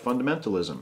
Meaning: 1. The tendency to reduce a religion to its most fundamental tenets, based on strict interpretation of core texts 2. A rigid conformity to any set of basic tenets
- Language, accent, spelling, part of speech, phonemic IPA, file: English, US, fundamentalism, noun, /ˌfʌndəˈmentəlɪzəm/, En-us-fundamentalism.ogg